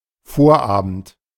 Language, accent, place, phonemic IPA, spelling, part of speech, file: German, Germany, Berlin, /ˈfoːɐ̯ˌaːbənt/, Vorabend, noun, De-Vorabend.ogg
- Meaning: 1. the previous evening; the evening before something 2. the evening before a Sunday or holiday where attending mass already serves to fulfil the attendance obligation